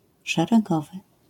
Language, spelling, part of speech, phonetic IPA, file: Polish, szeregowy, noun / adjective, [ˌʃɛrɛˈɡɔvɨ], LL-Q809 (pol)-szeregowy.wav